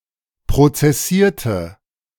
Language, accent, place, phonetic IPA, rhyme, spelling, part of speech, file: German, Germany, Berlin, [pʁot͡sɛˈsiːɐ̯tə], -iːɐ̯tə, prozessierte, verb, De-prozessierte.ogg
- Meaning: inflection of prozessieren: 1. first/third-person singular preterite 2. first/third-person singular subjunctive II